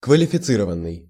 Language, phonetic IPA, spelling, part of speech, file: Russian, [kvəlʲɪfʲɪˈt͡sɨrəvən(ː)ɨj], квалифицированный, verb / adjective, Ru-квалифицированный.ogg
- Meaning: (verb) 1. past passive imperfective participle of квалифици́ровать (kvalificírovatʹ) 2. past passive perfective participle of квалифици́ровать (kvalificírovatʹ); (adjective) qualified, skilled